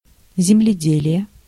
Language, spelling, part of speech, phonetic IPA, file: Russian, земледелие, noun, [zʲɪmlʲɪˈdʲelʲɪje], Ru-земледелие.ogg
- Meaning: 1. farming, agriculture, husbandry, agronomy (the art or science of cultivating the ground) 2. Zemledeliye (a Russian remote minelaying system)